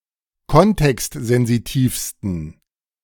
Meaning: 1. superlative degree of kontextsensitiv 2. inflection of kontextsensitiv: strong genitive masculine/neuter singular superlative degree
- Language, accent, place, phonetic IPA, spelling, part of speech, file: German, Germany, Berlin, [ˈkɔntɛkstzɛnziˌtiːfstn̩], kontextsensitivsten, adjective, De-kontextsensitivsten.ogg